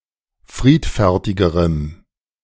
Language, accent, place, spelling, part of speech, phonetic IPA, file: German, Germany, Berlin, friedfertigerem, adjective, [ˈfʁiːtfɛʁtɪɡəʁəm], De-friedfertigerem.ogg
- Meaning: strong dative masculine/neuter singular comparative degree of friedfertig